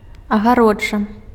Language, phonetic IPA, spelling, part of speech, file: Belarusian, [aɣaˈrod͡ʐa], агароджа, noun, Be-агароджа.ogg
- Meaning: fence, enclosure